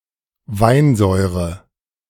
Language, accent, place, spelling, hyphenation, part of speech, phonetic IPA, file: German, Germany, Berlin, Weinsäure, Wein‧säu‧re, noun, [ˈvaɪ̯nˌzɔɪ̯ʁə], De-Weinsäure.ogg
- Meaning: tartaric acid